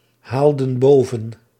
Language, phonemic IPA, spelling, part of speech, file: Dutch, /ˈhaldə(n) ˈbovə(n)/, haalden boven, verb, Nl-haalden boven.ogg
- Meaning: inflection of bovenhalen: 1. plural past indicative 2. plural past subjunctive